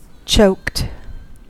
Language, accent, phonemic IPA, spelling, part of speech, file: English, US, /t͡ʃoʊkt/, choked, verb / adjective, En-us-choked.ogg
- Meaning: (verb) simple past and past participle of choke